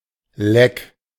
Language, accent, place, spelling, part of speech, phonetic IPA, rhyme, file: German, Germany, Berlin, leck, adjective / verb, [lɛk], -ɛk, De-leck.ogg
- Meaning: leaky